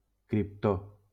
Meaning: krypton
- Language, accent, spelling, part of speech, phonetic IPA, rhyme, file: Catalan, Valencia, criptó, noun, [kɾipˈto], -o, LL-Q7026 (cat)-criptó.wav